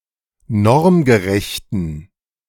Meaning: inflection of normgerecht: 1. strong genitive masculine/neuter singular 2. weak/mixed genitive/dative all-gender singular 3. strong/weak/mixed accusative masculine singular 4. strong dative plural
- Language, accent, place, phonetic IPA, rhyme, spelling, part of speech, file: German, Germany, Berlin, [ˈnɔʁmɡəˌʁɛçtn̩], -ɔʁmɡəʁɛçtn̩, normgerechten, adjective, De-normgerechten.ogg